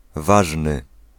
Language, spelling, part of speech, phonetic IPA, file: Polish, ważny, adjective, [ˈvaʒnɨ], Pl-ważny.ogg